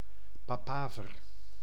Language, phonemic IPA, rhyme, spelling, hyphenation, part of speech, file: Dutch, /ˌpaːˈpaː.vər/, -aːvər, papaver, pa‧pa‧ver, noun, Nl-papaver.ogg
- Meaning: 1. papaver, poppy (plant of the genus Papaver) 2. several kinds of narcotic drugs made from the poppy